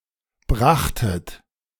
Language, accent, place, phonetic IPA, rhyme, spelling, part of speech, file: German, Germany, Berlin, [ˈbʁaxtət], -axtət, brachtet, verb, De-brachtet.ogg
- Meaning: second-person plural preterite of bringen